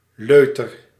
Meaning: cock, prick (slang for penis)
- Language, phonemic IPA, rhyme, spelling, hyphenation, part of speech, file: Dutch, /ˈløː.tər/, -øːtər, leuter, leu‧ter, noun, Nl-leuter.ogg